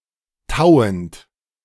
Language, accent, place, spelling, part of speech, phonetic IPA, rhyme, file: German, Germany, Berlin, tauend, verb, [ˈtaʊ̯ənt], -aʊ̯ənt, De-tauend.ogg
- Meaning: present participle of tauen